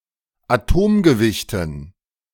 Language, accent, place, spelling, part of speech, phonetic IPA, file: German, Germany, Berlin, Atomgewichten, noun, [aˈtoːmɡəˌvɪçtn̩], De-Atomgewichten.ogg
- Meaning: dative plural of Atomgewicht